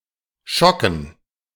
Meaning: dative plural of Schock
- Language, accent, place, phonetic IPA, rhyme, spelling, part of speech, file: German, Germany, Berlin, [ˈʃɔkn̩], -ɔkn̩, Schocken, noun, De-Schocken.ogg